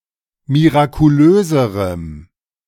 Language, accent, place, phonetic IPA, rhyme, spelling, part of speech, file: German, Germany, Berlin, [miʁakuˈløːzəʁəm], -øːzəʁəm, mirakulöserem, adjective, De-mirakulöserem.ogg
- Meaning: strong dative masculine/neuter singular comparative degree of mirakulös